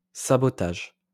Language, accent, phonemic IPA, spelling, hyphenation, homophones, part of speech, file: French, France, /sa.bɔ.taʒ/, sabotage, sa‧bo‧tage, sabotages, noun, LL-Q150 (fra)-sabotage.wav
- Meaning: sabotage